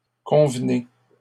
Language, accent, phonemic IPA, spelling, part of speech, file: French, Canada, /kɔ̃v.ne/, convenez, verb, LL-Q150 (fra)-convenez.wav
- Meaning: inflection of convenir: 1. second-person plural present indicative 2. second-person plural imperative